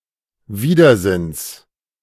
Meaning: genitive of Widersinn
- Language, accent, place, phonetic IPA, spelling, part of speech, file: German, Germany, Berlin, [ˈviːdɐˌzɪns], Widersinns, noun, De-Widersinns.ogg